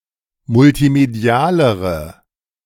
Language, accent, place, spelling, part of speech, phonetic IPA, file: German, Germany, Berlin, multimedialere, adjective, [mʊltiˈmedi̯aːləʁə], De-multimedialere.ogg
- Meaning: inflection of multimedial: 1. strong/mixed nominative/accusative feminine singular comparative degree 2. strong nominative/accusative plural comparative degree